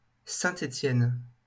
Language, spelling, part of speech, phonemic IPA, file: French, Saint-Étienne, proper noun, /sɛ̃.t‿e.tjɛn/, LL-Q150 (fra)-Saint-Étienne.wav
- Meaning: 1. Saint-Étienne (a city in Auvergne-Rhône-Alpes, France) 2. St. Stephen's Day